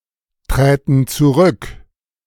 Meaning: first/third-person plural subjunctive II of zurücktreten
- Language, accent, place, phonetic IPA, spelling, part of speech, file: German, Germany, Berlin, [ˌtʁɛːtn̩ t͡suˈʁʏk], träten zurück, verb, De-träten zurück.ogg